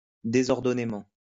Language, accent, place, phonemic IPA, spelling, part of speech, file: French, France, Lyon, /de.zɔʁ.dɔ.ne.mɑ̃/, désordonnément, adverb, LL-Q150 (fra)-désordonnément.wav
- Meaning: disorderly, untidily